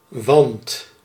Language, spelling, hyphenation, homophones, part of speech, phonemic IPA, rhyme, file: Dutch, want, want, wand, conjunction / noun / verb, /ʋɑnt/, -ɑnt, Nl-want.ogg
- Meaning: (conjunction) for, because, as; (noun) 1. a mitten, type of glove in which four fingers get only one section, besides the thumb 2. a coarse type of woolen fabric; anything made from it